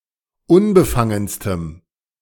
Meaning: strong dative masculine/neuter singular superlative degree of unbefangen
- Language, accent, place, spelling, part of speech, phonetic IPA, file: German, Germany, Berlin, unbefangenstem, adjective, [ˈʊnbəˌfaŋənstəm], De-unbefangenstem.ogg